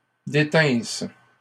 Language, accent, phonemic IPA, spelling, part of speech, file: French, Canada, /de.tɛ̃s/, détinsse, verb, LL-Q150 (fra)-détinsse.wav
- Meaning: first-person singular imperfect subjunctive of détenir